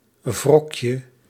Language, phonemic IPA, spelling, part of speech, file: Dutch, /ˈvrɔkjə/, wrokje, noun, Nl-wrokje.ogg
- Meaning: diminutive of wrok